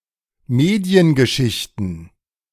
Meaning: plural of Mediengeschichte
- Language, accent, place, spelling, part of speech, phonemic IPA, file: German, Germany, Berlin, Mediengeschichten, noun, /ˈmeːdi̯ənɡəˌʃɪçtnə/, De-Mediengeschichten.ogg